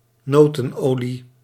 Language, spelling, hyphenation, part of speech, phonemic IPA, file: Dutch, notenolie, no‧ten‧olie, noun, /ˈnoː.tə(n)ˌoː.li/, Nl-notenolie.ogg
- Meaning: nut oil